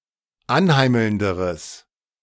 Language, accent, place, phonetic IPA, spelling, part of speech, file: German, Germany, Berlin, [ˈanˌhaɪ̯ml̩ndəʁəs], anheimelnderes, adjective, De-anheimelnderes.ogg
- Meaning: strong/mixed nominative/accusative neuter singular comparative degree of anheimelnd